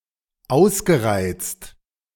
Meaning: past participle of ausreizen
- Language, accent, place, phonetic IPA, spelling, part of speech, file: German, Germany, Berlin, [ˈaʊ̯sɡəˌʁaɪ̯t͡st], ausgereizt, verb, De-ausgereizt.ogg